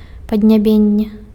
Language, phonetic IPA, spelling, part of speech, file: Belarusian, [padnʲaˈbʲenʲːe], паднябенне, noun, Be-паднябенне.ogg
- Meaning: palate (roof of the mouth)